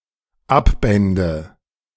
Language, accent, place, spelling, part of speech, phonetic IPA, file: German, Germany, Berlin, abbände, verb, [ˈapˌbɛndə], De-abbände.ogg
- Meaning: first/third-person singular dependent subjunctive II of abbinden